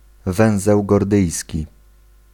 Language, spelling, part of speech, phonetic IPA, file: Polish, węzeł gordyjski, noun, [ˈvɛ̃w̃zɛw ɡɔrˈdɨjsʲci], Pl-węzeł gordyjski.ogg